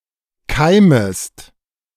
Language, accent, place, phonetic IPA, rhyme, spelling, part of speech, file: German, Germany, Berlin, [ˈkaɪ̯məst], -aɪ̯məst, keimest, verb, De-keimest.ogg
- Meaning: second-person singular subjunctive I of keimen